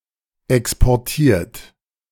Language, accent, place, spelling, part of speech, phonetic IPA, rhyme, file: German, Germany, Berlin, exportiert, verb, [ˌɛkspɔʁˈtiːɐ̯t], -iːɐ̯t, De-exportiert.ogg
- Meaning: 1. past participle of exportieren 2. inflection of exportieren: third-person singular present 3. inflection of exportieren: second-person plural present 4. inflection of exportieren: plural imperative